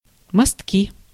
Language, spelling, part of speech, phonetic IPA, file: Russian, мостки, noun, [mɐstˈkʲi], Ru-мостки.ogg
- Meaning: 1. planked gangway or footbridge over a swamp, river, ravine, etc 2. boardwalk 3. pier, jetty 4. walkway around construction areas 5. nominative/accusative plural of мосто́к (mostók)